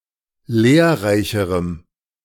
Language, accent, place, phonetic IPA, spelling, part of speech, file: German, Germany, Berlin, [ˈleːɐ̯ˌʁaɪ̯çəʁəm], lehrreicherem, adjective, De-lehrreicherem.ogg
- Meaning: strong dative masculine/neuter singular comparative degree of lehrreich